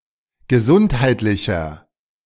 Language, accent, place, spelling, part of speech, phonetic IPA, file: German, Germany, Berlin, gesundheitlicher, adjective, [ɡəˈzʊnthaɪ̯tlɪçɐ], De-gesundheitlicher.ogg
- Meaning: inflection of gesundheitlich: 1. strong/mixed nominative masculine singular 2. strong genitive/dative feminine singular 3. strong genitive plural